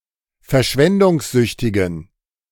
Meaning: inflection of verschwendungssüchtig: 1. strong genitive masculine/neuter singular 2. weak/mixed genitive/dative all-gender singular 3. strong/weak/mixed accusative masculine singular
- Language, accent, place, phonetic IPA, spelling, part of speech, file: German, Germany, Berlin, [fɛɐ̯ˈʃvɛndʊŋsˌzʏçtɪɡn̩], verschwendungssüchtigen, adjective, De-verschwendungssüchtigen.ogg